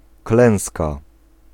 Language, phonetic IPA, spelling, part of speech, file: Polish, [ˈklɛ̃w̃ska], klęska, noun, Pl-klęska.ogg